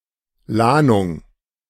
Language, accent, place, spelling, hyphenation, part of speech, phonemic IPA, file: German, Germany, Berlin, Lahnung, Lah‧nung, noun, /ˈlaːnʊŋ/, De-Lahnung.ogg
- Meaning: groyne, breakwater (structure built perpendicular to the shore to prevent erosion)